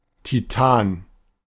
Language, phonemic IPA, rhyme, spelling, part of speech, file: German, /tiˈtaːn/, -aːn, Titan, noun / proper noun, De-Titan.oga
- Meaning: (noun) 1. Titan 2. titan; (proper noun) Titan (one of Saturn's moons); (noun) titanium